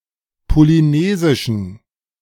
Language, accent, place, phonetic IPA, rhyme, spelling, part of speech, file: German, Germany, Berlin, [poliˈneːzɪʃn̩], -eːzɪʃn̩, polynesischen, adjective, De-polynesischen.ogg
- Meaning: inflection of polynesisch: 1. strong genitive masculine/neuter singular 2. weak/mixed genitive/dative all-gender singular 3. strong/weak/mixed accusative masculine singular 4. strong dative plural